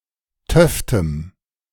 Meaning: strong dative masculine/neuter singular of töfte
- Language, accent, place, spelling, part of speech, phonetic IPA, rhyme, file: German, Germany, Berlin, töftem, adjective, [ˈtœftəm], -œftəm, De-töftem.ogg